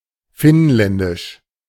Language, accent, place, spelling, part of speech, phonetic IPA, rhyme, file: German, Germany, Berlin, finnländisch, adjective, [ˈfɪnˌlɛndɪʃ], -ɪnlɛndɪʃ, De-finnländisch.ogg
- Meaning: 1. Finlandic, Finlandish; of or pertaining to Finland or the Finlanders (without reference to any particular ethnicity) 2. synonym of finnisch